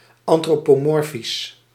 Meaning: anthropomorphic
- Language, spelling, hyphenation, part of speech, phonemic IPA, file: Dutch, antropomorfisch, an‧tro‧po‧mor‧fisch, adjective, /ˌɑn.troː.poːˈmɔr.fis/, Nl-antropomorfisch.ogg